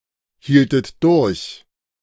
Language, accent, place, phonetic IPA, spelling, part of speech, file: German, Germany, Berlin, [ˌhiːltət ˈdʊʁç], hieltet durch, verb, De-hieltet durch.ogg
- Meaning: second-person plural subjunctive I of durchhalten